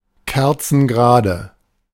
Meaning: bolt upright
- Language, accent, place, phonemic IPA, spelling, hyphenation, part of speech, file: German, Germany, Berlin, /ˈkɛʁt͡sn̩ɡəˌʁaːdə/, kerzengerade, ker‧zen‧ge‧ra‧de, adjective, De-kerzengerade.ogg